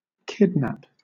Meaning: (verb) To seize or detain a person unlawfully and move or conceal them; sometimes for ransom; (noun) The crime, or an instance, of kidnapping
- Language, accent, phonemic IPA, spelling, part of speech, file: English, Southern England, /ˈkɪdnæp/, kidnap, verb / noun, LL-Q1860 (eng)-kidnap.wav